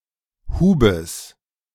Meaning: genitive of Hub
- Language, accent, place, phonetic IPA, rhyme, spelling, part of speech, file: German, Germany, Berlin, [ˈhuːbəs], -uːbəs, Hubes, noun, De-Hubes.ogg